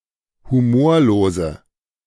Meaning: inflection of humorlos: 1. strong/mixed nominative/accusative feminine singular 2. strong nominative/accusative plural 3. weak nominative all-gender singular
- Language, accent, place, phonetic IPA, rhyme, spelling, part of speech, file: German, Germany, Berlin, [huˈmoːɐ̯loːzə], -oːɐ̯loːzə, humorlose, adjective, De-humorlose.ogg